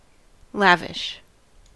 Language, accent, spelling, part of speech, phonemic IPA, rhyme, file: English, US, lavish, adjective / verb / noun, /ˈlævɪʃ/, -ævɪʃ, En-us-lavish.ogg
- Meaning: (adjective) 1. Expending or bestowing profusely; profuse; prodigal 2. Superabundant; excessive 3. Unrestrained, impetuous 4. Rank or lush with vegetation